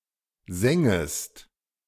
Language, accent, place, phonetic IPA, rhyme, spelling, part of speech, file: German, Germany, Berlin, [ˈzɛŋəst], -ɛŋəst, sängest, verb, De-sängest.ogg
- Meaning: second-person singular subjunctive II of singen